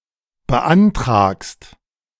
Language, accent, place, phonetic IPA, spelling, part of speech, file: German, Germany, Berlin, [bəˈʔantʁaːkst], beantragst, verb, De-beantragst.ogg
- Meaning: second-person singular present of beantragen